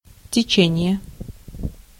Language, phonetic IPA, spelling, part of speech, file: Russian, [tʲɪˈt͡ɕenʲɪje], течение, noun, Ru-течение.ogg
- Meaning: 1. current, flow, stream 2. current, tendency, trend